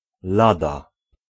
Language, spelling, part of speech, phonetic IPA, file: Polish, lada, noun / particle / preposition, [ˈlada], Pl-lada.ogg